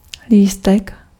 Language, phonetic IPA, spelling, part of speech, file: Czech, [ˈliːstɛk], lístek, noun, Cs-lístek.ogg
- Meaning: 1. small leaf 2. ticket (admission to entertainment) 3. ticket (pass for transportation)